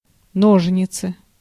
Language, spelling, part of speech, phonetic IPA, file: Russian, ножницы, noun, [ˈnoʐnʲɪt͡sɨ], Ru-ножницы.ogg
- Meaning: 1. scissors, shears, clipper, cutter 2. disproportion, discrepancy